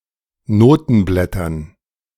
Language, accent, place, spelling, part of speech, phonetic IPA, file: German, Germany, Berlin, Notenblättern, noun, [ˈnoːtn̩ˌblɛtɐn], De-Notenblättern.ogg
- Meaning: dative plural of Notenblatt